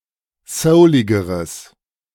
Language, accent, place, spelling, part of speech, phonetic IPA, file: German, Germany, Berlin, souligeres, adjective, [ˈsəʊlɪɡəʁəs], De-souligeres.ogg
- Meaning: strong/mixed nominative/accusative neuter singular comparative degree of soulig